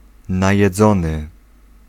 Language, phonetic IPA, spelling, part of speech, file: Polish, [ˌnajɛˈd͡zɔ̃nɨ], najedzony, adjective, Pl-najedzony.ogg